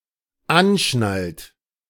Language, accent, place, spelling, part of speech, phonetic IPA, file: German, Germany, Berlin, anschnallt, verb, [ˈanˌʃnalt], De-anschnallt.ogg
- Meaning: inflection of anschnallen: 1. third-person singular dependent present 2. second-person plural dependent present